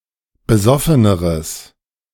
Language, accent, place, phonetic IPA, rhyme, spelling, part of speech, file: German, Germany, Berlin, [bəˈzɔfənəʁəs], -ɔfənəʁəs, besoffeneres, adjective, De-besoffeneres.ogg
- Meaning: strong/mixed nominative/accusative neuter singular comparative degree of besoffen